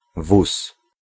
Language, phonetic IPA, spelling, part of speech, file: Polish, [vus], wóz, noun, Pl-wóz.ogg